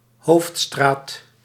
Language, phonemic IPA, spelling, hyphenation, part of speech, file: Dutch, /ˈɦoːf(t).straːt/, hoofdstraat, hoofd‧straat, noun, Nl-hoofdstraat.ogg
- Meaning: main street/Main Street